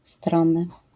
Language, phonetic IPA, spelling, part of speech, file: Polish, [ˈstrɔ̃mɨ], stromy, adjective, LL-Q809 (pol)-stromy.wav